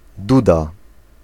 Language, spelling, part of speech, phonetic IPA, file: Polish, duda, noun, [ˈduda], Pl-duda.ogg